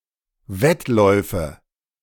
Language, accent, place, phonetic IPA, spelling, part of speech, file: German, Germany, Berlin, [ˈvɛtˌlɔɪ̯fə], Wettläufe, noun, De-Wettläufe.ogg
- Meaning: nominative/accusative/genitive plural of Wettlauf